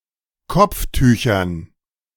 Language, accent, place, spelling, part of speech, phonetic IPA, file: German, Germany, Berlin, Kopftüchern, noun, [ˈkɔp͡fˌtyːçɐn], De-Kopftüchern.ogg
- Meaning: dative plural of Kopftuch